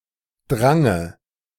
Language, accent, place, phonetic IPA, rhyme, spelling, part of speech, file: German, Germany, Berlin, [ˈdʁaŋə], -aŋə, Drange, noun, De-Drange.ogg
- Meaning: dative singular of Drang